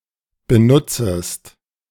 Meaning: second-person singular subjunctive I of benutzen
- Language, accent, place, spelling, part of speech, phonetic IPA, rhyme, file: German, Germany, Berlin, benutzest, verb, [bəˈnʊt͡səst], -ʊt͡səst, De-benutzest.ogg